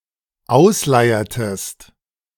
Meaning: inflection of ausleiern: 1. second-person singular dependent preterite 2. second-person singular dependent subjunctive II
- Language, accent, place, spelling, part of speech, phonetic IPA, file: German, Germany, Berlin, ausleiertest, verb, [ˈaʊ̯sˌlaɪ̯ɐtəst], De-ausleiertest.ogg